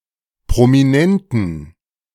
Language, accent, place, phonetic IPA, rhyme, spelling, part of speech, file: German, Germany, Berlin, [pʁomiˈnɛntn̩], -ɛntn̩, prominenten, adjective, De-prominenten.ogg
- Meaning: inflection of prominent: 1. strong genitive masculine/neuter singular 2. weak/mixed genitive/dative all-gender singular 3. strong/weak/mixed accusative masculine singular 4. strong dative plural